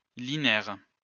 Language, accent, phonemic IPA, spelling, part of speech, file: French, France, /li.nɛʁ/, linaire, noun, LL-Q150 (fra)-linaire.wav
- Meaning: toadflax (plant of the genus Linaria)